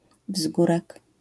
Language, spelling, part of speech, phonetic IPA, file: Polish, wzgórek, noun, [ˈvzɡurɛk], LL-Q809 (pol)-wzgórek.wav